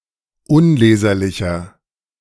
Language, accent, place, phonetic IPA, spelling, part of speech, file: German, Germany, Berlin, [ˈʊnˌleːzɐlɪçɐ], unleserlicher, adjective, De-unleserlicher.ogg
- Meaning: 1. comparative degree of unleserlich 2. inflection of unleserlich: strong/mixed nominative masculine singular 3. inflection of unleserlich: strong genitive/dative feminine singular